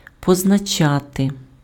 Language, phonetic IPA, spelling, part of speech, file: Ukrainian, [pɔznɐˈt͡ʃate], позначати, verb, Uk-позначати.ogg
- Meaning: 1. to mark 2. to designate, to indicate